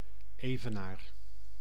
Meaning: 1. equator 2. scales, balance
- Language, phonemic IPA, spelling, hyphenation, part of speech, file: Dutch, /ˈeːvəˌnaːr/, evenaar, eve‧naar, noun, Nl-evenaar.ogg